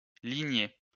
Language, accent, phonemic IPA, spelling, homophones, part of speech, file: French, France, /li.ɲe/, ligné, lignai / lignée / lignées / ligner / lignés / lignez, verb, LL-Q150 (fra)-ligné.wav
- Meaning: past participle of ligner